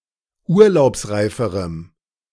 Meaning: strong dative masculine/neuter singular comparative degree of urlaubsreif
- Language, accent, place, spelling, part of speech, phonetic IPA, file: German, Germany, Berlin, urlaubsreiferem, adjective, [ˈuːɐ̯laʊ̯psˌʁaɪ̯fəʁəm], De-urlaubsreiferem.ogg